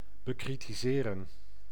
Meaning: to criticise
- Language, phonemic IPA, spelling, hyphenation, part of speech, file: Dutch, /bəkritiˈzeːrə(n)/, bekritiseren, be‧kri‧ti‧se‧ren, verb, Nl-bekritiseren.ogg